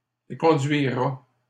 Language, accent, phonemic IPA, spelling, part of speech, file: French, Canada, /e.kɔ̃.dɥi.ʁa/, éconduira, verb, LL-Q150 (fra)-éconduira.wav
- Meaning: third-person singular simple future of éconduire